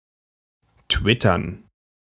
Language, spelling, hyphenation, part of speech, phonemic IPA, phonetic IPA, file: German, twittern, twit‧tern, verb, /ˈtvɪtərn/, [ˈtʋɪtɐn], De-twittern.ogg
- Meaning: to tweet (post to Twitter)